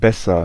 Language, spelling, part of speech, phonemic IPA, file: German, besser, adjective / verb, /ˈbɛsɐ/, De-besser.ogg
- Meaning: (adjective) comparative degree of gut; better; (verb) inflection of bessern: 1. first-person singular present 2. singular imperative